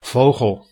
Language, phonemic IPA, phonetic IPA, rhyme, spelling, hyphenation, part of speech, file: Dutch, /ˈvoːɣəl/, [ˈfoʊ̯χɔɫ], -oːɣəl, vogel, vo‧gel, noun, Nl-vogel.ogg
- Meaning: 1. bird, any member of the class Aves 2. a feathered target in archery or shooting 3. a dude, a cat (slang term for a man)